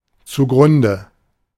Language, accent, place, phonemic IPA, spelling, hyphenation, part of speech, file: German, Germany, Berlin, /t͡suˈɡʁʊndə/, zugrunde, zu‧grun‧de, adverb, De-zugrunde.ogg
- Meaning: 1. to destruction 2. as basis